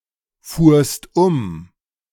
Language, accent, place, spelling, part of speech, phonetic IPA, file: German, Germany, Berlin, fuhrst um, verb, [ˌfuːɐ̯st ˈʊm], De-fuhrst um.ogg
- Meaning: second-person singular preterite of umfahren